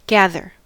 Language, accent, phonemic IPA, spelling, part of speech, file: English, US, /ˈɡæðɚ/, gather, verb / noun, En-us-gather.ogg
- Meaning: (verb) 1. To collect normally separate things 2. To collect normally separate things.: Especially, to harvest food